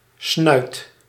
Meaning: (noun) 1. a snout, a muzzle 2. A face, a facial expression; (verb) inflection of snuiten: 1. first/second/third-person singular present indicative 2. imperative
- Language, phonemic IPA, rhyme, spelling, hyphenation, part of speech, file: Dutch, /snœy̯t/, -œy̯t, snuit, snuit, noun / verb, Nl-snuit.ogg